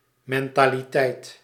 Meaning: mentality (mindset)
- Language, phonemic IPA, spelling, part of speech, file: Dutch, /ˌmɛn.taː.liˈtɛi̯t/, mentaliteit, noun, Nl-mentaliteit.ogg